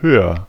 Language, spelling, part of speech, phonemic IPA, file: German, höher, adjective, /ˈhøːɐ/, De-höher.ogg
- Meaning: comparative degree of hoch